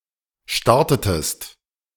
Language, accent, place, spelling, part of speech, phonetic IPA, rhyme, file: German, Germany, Berlin, startetest, verb, [ˈʃtaʁtətəst], -aʁtətəst, De-startetest.ogg
- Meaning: inflection of starten: 1. second-person singular preterite 2. second-person singular subjunctive II